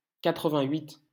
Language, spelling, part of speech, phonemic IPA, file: French, quatre-vingt-huit, numeral, /ka.tʁə.vɛ̃.ɥit/, LL-Q150 (fra)-quatre-vingt-huit.wav
- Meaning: eighty-eight